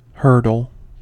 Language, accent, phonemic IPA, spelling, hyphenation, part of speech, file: English, General American, /ˈhɝd(ə)l/, hurdle, hurd‧le, noun / verb, En-us-hurdle.ogg
- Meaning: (noun) 1. An artificial barrier, variously constructed, over which athletes or horses jump in a race 2. An obstacle, real or perceived, physical or abstract